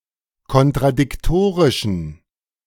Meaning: inflection of kontradiktorisch: 1. strong genitive masculine/neuter singular 2. weak/mixed genitive/dative all-gender singular 3. strong/weak/mixed accusative masculine singular
- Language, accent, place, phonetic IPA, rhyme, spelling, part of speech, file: German, Germany, Berlin, [kɔntʁadɪkˈtoːʁɪʃn̩], -oːʁɪʃn̩, kontradiktorischen, adjective, De-kontradiktorischen.ogg